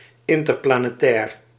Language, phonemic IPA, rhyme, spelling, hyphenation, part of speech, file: Dutch, /ˌɪn.tər.plaː.neːˈtɛːr/, -ɛːr, interplanetair, in‧ter‧pla‧ne‧tair, adjective, Nl-interplanetair.ogg
- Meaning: interplanetary